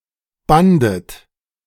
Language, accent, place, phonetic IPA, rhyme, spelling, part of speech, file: German, Germany, Berlin, [ˈbandət], -andət, bandet, verb, De-bandet.ogg
- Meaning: second-person plural preterite of binden